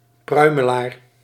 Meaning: plum tree
- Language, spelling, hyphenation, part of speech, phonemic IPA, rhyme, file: Dutch, pruimelaar, prui‧me‧laar, noun, /ˈprœy̯məˌlaːr/, -œy̯məlaːr, Nl-pruimelaar.ogg